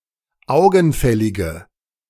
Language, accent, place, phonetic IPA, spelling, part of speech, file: German, Germany, Berlin, [ˈaʊ̯ɡn̩ˌfɛlɪɡə], augenfällige, adjective, De-augenfällige.ogg
- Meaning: inflection of augenfällig: 1. strong/mixed nominative/accusative feminine singular 2. strong nominative/accusative plural 3. weak nominative all-gender singular